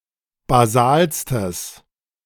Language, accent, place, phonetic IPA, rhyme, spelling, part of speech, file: German, Germany, Berlin, [baˈzaːlstəs], -aːlstəs, basalstes, adjective, De-basalstes.ogg
- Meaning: strong/mixed nominative/accusative neuter singular superlative degree of basal